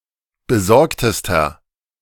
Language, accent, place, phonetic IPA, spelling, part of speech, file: German, Germany, Berlin, [bəˈzɔʁktəstɐ], besorgtester, adjective, De-besorgtester.ogg
- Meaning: inflection of besorgt: 1. strong/mixed nominative masculine singular superlative degree 2. strong genitive/dative feminine singular superlative degree 3. strong genitive plural superlative degree